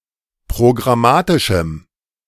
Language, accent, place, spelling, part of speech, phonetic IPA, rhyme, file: German, Germany, Berlin, programmatischem, adjective, [pʁoɡʁaˈmaːtɪʃm̩], -aːtɪʃm̩, De-programmatischem.ogg
- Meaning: strong dative masculine/neuter singular of programmatisch